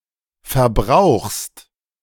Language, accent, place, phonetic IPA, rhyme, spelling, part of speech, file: German, Germany, Berlin, [fɛɐ̯ˈbʁaʊ̯xst], -aʊ̯xst, verbrauchst, verb, De-verbrauchst.ogg
- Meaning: second-person singular present of verbrauchen